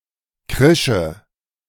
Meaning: first/third-person singular subjunctive II of kreischen
- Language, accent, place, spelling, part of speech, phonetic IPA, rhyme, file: German, Germany, Berlin, krische, verb, [ˈkʁɪʃə], -ɪʃə, De-krische.ogg